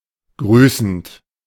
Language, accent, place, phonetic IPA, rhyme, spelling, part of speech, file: German, Germany, Berlin, [ˈɡʁyːsn̩t], -yːsn̩t, grüßend, verb, De-grüßend.ogg
- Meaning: present participle of grüßen